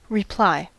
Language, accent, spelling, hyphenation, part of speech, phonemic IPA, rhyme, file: English, US, reply, re‧ply, verb / noun, /ɹɪˈplaɪ/, -aɪ, En-us-reply.ogg
- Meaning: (verb) 1. To give a written or spoken response, especially to a question, request, accusation or criticism; to answer 2. To act or gesture in response 3. To repeat something back; to echo